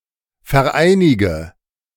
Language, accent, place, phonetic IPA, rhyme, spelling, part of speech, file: German, Germany, Berlin, [fɛɐ̯ˈʔaɪ̯nɪɡə], -aɪ̯nɪɡə, vereinige, verb, De-vereinige.ogg
- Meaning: inflection of vereinigen: 1. first-person singular present 2. first/third-person singular subjunctive I 3. singular imperative